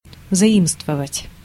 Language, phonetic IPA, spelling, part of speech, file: Russian, [zɐˈimstvəvətʲ], заимствовать, verb, Ru-заимствовать.ogg
- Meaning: to adopt, to borrow, to take (from)